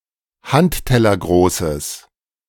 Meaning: strong/mixed nominative/accusative neuter singular of handtellergroß
- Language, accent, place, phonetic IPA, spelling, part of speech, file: German, Germany, Berlin, [ˈhanttɛlɐˌɡʁoːsəs], handtellergroßes, adjective, De-handtellergroßes.ogg